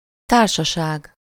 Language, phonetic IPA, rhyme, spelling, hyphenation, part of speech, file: Hungarian, [ˈtaːrʃɒʃaːɡ], -aːɡ, társaság, tár‧sa‧ság, noun, Hu-társaság.ogg
- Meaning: 1. company, party, companionship (a group of people) 2. company, corporation, association 3. society